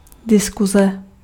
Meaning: alternative form of diskuse; discussion
- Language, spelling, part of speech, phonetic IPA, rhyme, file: Czech, diskuze, noun, [ˈdɪskuzɛ], -uzɛ, Cs-diskuze.ogg